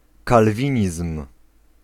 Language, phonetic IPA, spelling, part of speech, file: Polish, [kalˈvʲĩɲism̥], kalwinizm, noun, Pl-kalwinizm.ogg